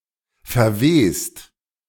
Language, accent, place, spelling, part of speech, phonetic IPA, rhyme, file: German, Germany, Berlin, verwehst, verb, [fɛɐ̯ˈveːst], -eːst, De-verwehst.ogg
- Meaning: second-person singular present of verwehen